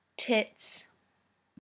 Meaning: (noun) plural of tit; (interjection) 1. Used to express dismay or annoyance 2. Used to express excitement; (adjective) Very good; awesome; amazing
- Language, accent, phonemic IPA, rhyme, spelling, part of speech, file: English, UK, /tɪts/, -ɪts, tits, noun / interjection / adjective, En-uk-tits.ogg